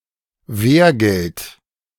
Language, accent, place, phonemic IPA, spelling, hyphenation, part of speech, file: German, Germany, Berlin, /ˈveːrˌɡɛlt/, Wergeld, Wer‧geld, noun, De-Wergeld.ogg
- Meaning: blood money, wergeld, diyya